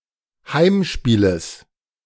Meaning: genitive singular of Heimspiel
- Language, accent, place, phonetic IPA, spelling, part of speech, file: German, Germany, Berlin, [ˈhaɪ̯mˌʃpiːləs], Heimspieles, noun, De-Heimspieles.ogg